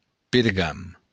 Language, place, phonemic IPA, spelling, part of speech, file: Occitan, Béarn, /peɾˈɣan/, pergam, noun, LL-Q14185 (oci)-pergam.wav
- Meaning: parchment